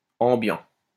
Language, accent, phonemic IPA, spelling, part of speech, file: French, France, /ɑ̃.bjɑ̃/, ambiant, adjective, LL-Q150 (fra)-ambiant.wav
- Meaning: ambient